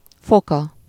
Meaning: third-person singular single-possession possessive of fok
- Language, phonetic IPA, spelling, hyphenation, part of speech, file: Hungarian, [ˈfokɒ], foka, fo‧ka, noun, Hu-foka.ogg